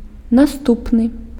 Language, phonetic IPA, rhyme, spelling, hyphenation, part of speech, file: Belarusian, [naˈstupnɨ], -upnɨ, наступны, на‧ступ‧ны, adjective, Be-наступны.ogg
- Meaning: 1. following, next (coming immediately after someone or something; the nearest in sequence) 2. subsequent (occurring later than something; mentioned or listed below)